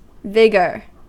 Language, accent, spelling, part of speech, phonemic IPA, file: English, US, vigour, noun, /ˈvɪɡɚ/, En-us-vigour.ogg
- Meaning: 1. Active strength or force of body or mind; a capacity for exertion, physically, intellectually, or morally; energy 2. Strength or force in animal or vegetable nature or action